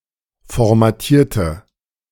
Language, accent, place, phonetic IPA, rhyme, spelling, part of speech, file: German, Germany, Berlin, [fɔʁmaˈtiːɐ̯tə], -iːɐ̯tə, formatierte, adjective / verb, De-formatierte.ogg
- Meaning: inflection of formatieren: 1. first/third-person singular preterite 2. first/third-person singular subjunctive II